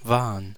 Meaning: first/third-person plural preterite of sein: were
- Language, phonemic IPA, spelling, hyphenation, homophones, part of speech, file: German, /vaː(r)ən/, waren, wa‧ren, wahren, verb, De-waren.ogg